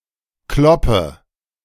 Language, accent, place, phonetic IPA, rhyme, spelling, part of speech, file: German, Germany, Berlin, [ˈklɔpə], -ɔpə, kloppe, verb, De-kloppe.ogg
- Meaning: inflection of kloppen: 1. first-person singular present 2. first/third-person singular subjunctive I 3. singular imperative